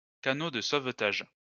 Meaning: life raft, safety raft
- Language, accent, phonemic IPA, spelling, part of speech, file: French, France, /ka.no d(ə) sov.taʒ/, canot de sauvetage, noun, LL-Q150 (fra)-canot de sauvetage.wav